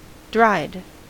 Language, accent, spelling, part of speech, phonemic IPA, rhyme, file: English, US, dried, adjective / verb, /dɹaɪd/, -aɪd, En-us-dried.ogg
- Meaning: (adjective) 1. Without water or moisture, said of something that has previously been wet or moist; resulting from the process of drying 2. Usually of foods: cured, preserved by drying